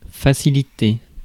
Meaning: to facilitate
- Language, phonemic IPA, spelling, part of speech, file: French, /fa.si.li.te/, faciliter, verb, Fr-faciliter.ogg